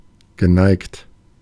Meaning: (verb) past participle of neigen; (adjective) inclined
- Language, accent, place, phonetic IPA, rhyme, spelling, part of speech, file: German, Germany, Berlin, [ɡəˈnaɪ̯kt], -aɪ̯kt, geneigt, adjective / verb, De-geneigt.ogg